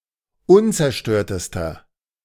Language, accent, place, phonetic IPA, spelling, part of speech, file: German, Germany, Berlin, [ˈʊnt͡sɛɐ̯ˌʃtøːɐ̯təstɐ], unzerstörtester, adjective, De-unzerstörtester.ogg
- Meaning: inflection of unzerstört: 1. strong/mixed nominative masculine singular superlative degree 2. strong genitive/dative feminine singular superlative degree 3. strong genitive plural superlative degree